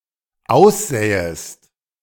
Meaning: second-person singular dependent subjunctive II of aussehen
- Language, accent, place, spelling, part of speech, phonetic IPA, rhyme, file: German, Germany, Berlin, aussähest, verb, [ˈaʊ̯sˌzɛːəst], -aʊ̯szɛːəst, De-aussähest.ogg